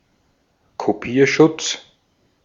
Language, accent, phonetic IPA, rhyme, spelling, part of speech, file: German, Austria, [koˈpiːɐ̯ˌʃʊt͡s], -iːɐ̯ʃʊt͡s, Kopierschutz, noun, De-at-Kopierschutz.ogg
- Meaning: copy protection